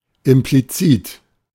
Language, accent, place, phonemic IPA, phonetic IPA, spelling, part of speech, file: German, Germany, Berlin, /ɪmpliˈtsiːt/, [ʔɪmpliˈtsiːtʰ], implizit, adjective, De-implizit.ogg
- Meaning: implicit